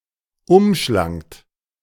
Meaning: second-person plural preterite of umschlingen
- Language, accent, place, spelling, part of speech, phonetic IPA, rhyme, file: German, Germany, Berlin, umschlangt, verb, [ˈʊmˌʃlaŋt], -ʊmʃlaŋt, De-umschlangt.ogg